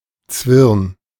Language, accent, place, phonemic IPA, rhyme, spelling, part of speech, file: German, Germany, Berlin, /t͡svɪʁn/, -ɪʁn, Zwirn, noun, De-Zwirn.ogg
- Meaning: 1. thread; string 2. yarn; twisted fabric